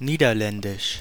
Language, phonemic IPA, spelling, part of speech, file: German, /ˈniːdɐˌlɛndɪʃ/, Niederländisch, proper noun, De-Niederländisch.ogg
- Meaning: Dutch, the Dutch language